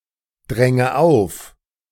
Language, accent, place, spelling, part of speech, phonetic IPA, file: German, Germany, Berlin, dränge auf, verb, [ˌdʁɛŋə ˈaʊ̯f], De-dränge auf.ogg
- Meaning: inflection of aufdrängen: 1. first-person singular present 2. first/third-person singular subjunctive I 3. singular imperative